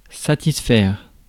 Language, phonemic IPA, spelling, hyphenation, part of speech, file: French, /sa.tis.fɛʁ/, satisfaire, sa‧tis‧faire, verb, Fr-satisfaire.ogg
- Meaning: 1. to satisfy 2. to fulfil (to do what was expected) 3. to meet (expectations)